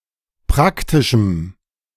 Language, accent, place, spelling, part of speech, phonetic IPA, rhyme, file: German, Germany, Berlin, praktischem, adjective, [ˈpʁaktɪʃm̩], -aktɪʃm̩, De-praktischem.ogg
- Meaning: strong dative masculine/neuter singular of praktisch